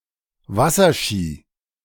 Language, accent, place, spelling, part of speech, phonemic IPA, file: German, Germany, Berlin, Wasserski, noun, /ˈvasərˌʃiː/, De-Wasserski.ogg
- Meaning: 1. water ski (type of ski used for skiing on water) 2. water skiing (the sport of skiing on water)